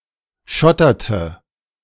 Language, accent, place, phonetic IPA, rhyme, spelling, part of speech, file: German, Germany, Berlin, [ˈʃɔtɐtə], -ɔtɐtə, schotterte, verb, De-schotterte.ogg
- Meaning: inflection of schottern: 1. first/third-person singular preterite 2. first/third-person singular subjunctive II